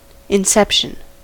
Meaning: 1. The creation or beginning of something; the establishment 2. A layering, nesting, or recursion of something within itself
- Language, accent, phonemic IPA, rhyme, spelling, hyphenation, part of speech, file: English, US, /ɪnˈsɛpʃən/, -ɛpʃən, inception, in‧cep‧tion, noun, En-us-inception.ogg